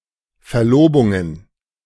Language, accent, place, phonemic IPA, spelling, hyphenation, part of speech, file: German, Germany, Berlin, /ˌfɛɐ̯ˈloːbʊŋən/, Verlobungen, Ver‧lo‧bun‧gen, noun, De-Verlobungen.ogg
- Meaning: plural of Verlobung